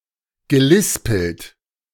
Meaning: past participle of lispeln
- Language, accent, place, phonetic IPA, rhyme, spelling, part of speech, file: German, Germany, Berlin, [ɡəˈlɪspl̩t], -ɪspl̩t, gelispelt, verb, De-gelispelt.ogg